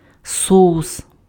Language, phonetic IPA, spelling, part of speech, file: Ukrainian, [ˈsɔʊs], соус, noun, Uk-соус.ogg
- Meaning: sauce